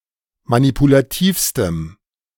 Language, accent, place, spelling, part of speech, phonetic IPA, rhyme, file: German, Germany, Berlin, manipulativstem, adjective, [manipulaˈtiːfstəm], -iːfstəm, De-manipulativstem.ogg
- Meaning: strong dative masculine/neuter singular superlative degree of manipulativ